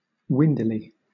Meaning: In a manner of or like the wind
- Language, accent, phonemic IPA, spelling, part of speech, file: English, Southern England, /ˈwɪndɪli/, windily, adverb, LL-Q1860 (eng)-windily.wav